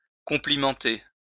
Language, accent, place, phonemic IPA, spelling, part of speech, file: French, France, Lyon, /kɔ̃.pli.mɑ̃.te/, complimenter, verb, LL-Q150 (fra)-complimenter.wav
- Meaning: to compliment